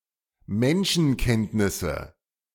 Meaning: nominative/accusative/genitive plural of Menschenkenntnis
- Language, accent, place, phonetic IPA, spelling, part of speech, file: German, Germany, Berlin, [ˈmɛnʃn̩ˌkɛntnɪsə], Menschenkenntnisse, noun, De-Menschenkenntnisse.ogg